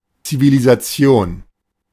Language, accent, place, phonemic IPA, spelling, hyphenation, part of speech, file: German, Germany, Berlin, /t͡sivilizaˈt͡si̯oːn/, Zivilisation, Zi‧vi‧li‧sa‧tion, noun, De-Zivilisation.ogg
- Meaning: civilisation